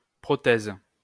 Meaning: 1. prosthesis (artificial replacement for a body part) 2. prothesis
- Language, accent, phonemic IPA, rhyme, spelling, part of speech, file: French, France, /pʁɔ.tɛz/, -ɛz, prothèse, noun, LL-Q150 (fra)-prothèse.wav